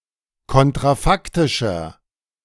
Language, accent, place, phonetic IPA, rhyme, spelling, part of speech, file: German, Germany, Berlin, [ˌkɔntʁaˈfaktɪʃɐ], -aktɪʃɐ, kontrafaktischer, adjective, De-kontrafaktischer.ogg
- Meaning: inflection of kontrafaktisch: 1. strong/mixed nominative masculine singular 2. strong genitive/dative feminine singular 3. strong genitive plural